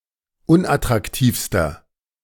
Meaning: inflection of unattraktiv: 1. strong/mixed nominative masculine singular superlative degree 2. strong genitive/dative feminine singular superlative degree 3. strong genitive plural superlative degree
- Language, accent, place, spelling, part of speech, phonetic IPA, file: German, Germany, Berlin, unattraktivster, adjective, [ˈʊnʔatʁakˌtiːfstɐ], De-unattraktivster.ogg